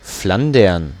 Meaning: 1. Flanders (a cultural region in the north of Belgium) 2. Flanders (a historical county of Western Europe; in full, County of Flanders)
- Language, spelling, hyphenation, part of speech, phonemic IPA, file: German, Flandern, Flan‧dern, proper noun, /ˈflandɐn/, De-Flandern.ogg